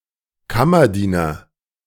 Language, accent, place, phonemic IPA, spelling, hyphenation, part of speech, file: German, Germany, Berlin, /ˈkamɐˌdiːnɐ/, Kammerdiener, Kam‧mer‧die‧ner, noun, De-Kammerdiener.ogg
- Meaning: valet